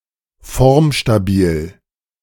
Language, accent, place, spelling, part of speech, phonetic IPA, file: German, Germany, Berlin, formstabil, adjective, [ˈfɔʁmʃtaˌbiːl], De-formstabil.ogg
- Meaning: stiff